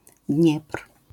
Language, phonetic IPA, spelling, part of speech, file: Polish, [dʲɲɛpr̥], Dniepr, proper noun, LL-Q809 (pol)-Dniepr.wav